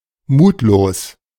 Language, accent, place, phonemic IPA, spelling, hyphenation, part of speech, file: German, Germany, Berlin, /ˈmuːtloːs/, mutlos, mut‧los, adjective, De-mutlos.ogg
- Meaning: faint-hearted, lacking courage